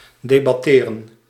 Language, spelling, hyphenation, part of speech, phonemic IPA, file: Dutch, debatteren, de‧bat‧te‧ren, verb, /ˌdeːbɑˈteːrə(n)/, Nl-debatteren.ogg
- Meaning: to debate